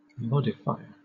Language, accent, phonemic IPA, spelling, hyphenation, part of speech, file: English, Southern England, /ˈmɒdɪfaɪə/, modifier, mod‧i‧fi‧er, noun, LL-Q1860 (eng)-modifier.wav
- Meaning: One who, or that which, modifies